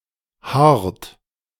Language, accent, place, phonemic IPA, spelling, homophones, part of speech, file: German, Germany, Berlin, /haːrt/, haart, hart, verb, De-haart.ogg
- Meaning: inflection of haaren: 1. third-person singular present 2. second-person plural present 3. plural imperative